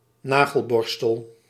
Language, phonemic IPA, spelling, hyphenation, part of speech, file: Dutch, /ˈnaː.ɣəlˌbɔr.stəl/, nagelborstel, na‧gel‧bor‧stel, noun, Nl-nagelborstel.ogg
- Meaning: nailbrush